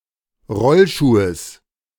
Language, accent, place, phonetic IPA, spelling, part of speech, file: German, Germany, Berlin, [ˈʁɔlˌʃuːəs], Rollschuhes, noun, De-Rollschuhes.ogg
- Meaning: genitive singular of Rollschuh